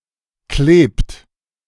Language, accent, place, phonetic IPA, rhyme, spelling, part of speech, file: German, Germany, Berlin, [kleːpt], -eːpt, klebt, verb, De-klebt.ogg
- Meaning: inflection of kleben: 1. third-person singular present 2. second-person plural present 3. plural imperative